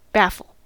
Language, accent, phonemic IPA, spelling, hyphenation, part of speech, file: English, General American, /ˈbæf(ə)l/, baffle, baf‧fle, verb / noun, En-us-baffle.ogg
- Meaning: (verb) 1. To confuse or perplex (someone) completely; to bewilder, to confound, to puzzle 2. To defeat, frustrate, or thwart (someone or their efforts, plans, etc.); to confound, to foil